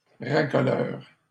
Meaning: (noun) 1. recruiting officer 2. tout; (adjective) sensationalist
- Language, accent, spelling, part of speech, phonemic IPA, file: French, Canada, racoleur, noun / adjective, /ʁa.kɔ.lœʁ/, LL-Q150 (fra)-racoleur.wav